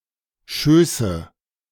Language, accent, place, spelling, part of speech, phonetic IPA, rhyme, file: German, Germany, Berlin, Schöße, noun, [ˈʃøːsə], -øːsə, De-Schöße.ogg
- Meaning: nominative/accusative/genitive plural of Schoß